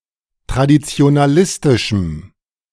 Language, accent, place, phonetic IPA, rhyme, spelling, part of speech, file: German, Germany, Berlin, [tʁadit͡si̯onaˈlɪstɪʃm̩], -ɪstɪʃm̩, traditionalistischem, adjective, De-traditionalistischem.ogg
- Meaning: strong dative masculine/neuter singular of traditionalistisch